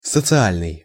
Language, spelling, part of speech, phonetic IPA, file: Russian, социальный, adjective, [sət͡sɨˈalʲnɨj], Ru-социальный.ogg
- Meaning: 1. social 2. subsidized, welfare